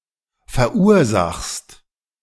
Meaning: second-person singular present of verursachen
- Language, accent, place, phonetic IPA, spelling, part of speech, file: German, Germany, Berlin, [fɛɐ̯ˈʔuːɐ̯ˌzaxst], verursachst, verb, De-verursachst.ogg